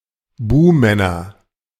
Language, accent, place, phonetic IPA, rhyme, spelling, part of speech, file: German, Germany, Berlin, [ˈbuːmɛnɐ], -uːmɛnɐ, Buhmänner, noun, De-Buhmänner.ogg
- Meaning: nominative/accusative/genitive plural of Buhmann